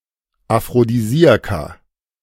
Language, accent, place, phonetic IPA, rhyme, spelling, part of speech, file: German, Germany, Berlin, [afʁodiˈziːaka], -iːaka, Aphrodisiaka, noun, De-Aphrodisiaka.ogg
- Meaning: plural of Aphrodisiakum